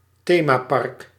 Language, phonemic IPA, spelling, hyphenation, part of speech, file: Dutch, /ˈteː.maːˌpɑrk/, themapark, the‧ma‧park, noun, Nl-themapark.ogg
- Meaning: theme park